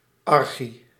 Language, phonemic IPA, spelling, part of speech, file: Dutch, /ɑrˈxi/, -archie, suffix, Nl--archie.ogg
- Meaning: -archy